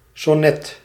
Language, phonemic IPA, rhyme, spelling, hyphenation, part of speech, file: Dutch, /sɔˈnɛt/, -ɛt, sonnet, son‧net, noun, Nl-sonnet.ogg
- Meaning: sonnet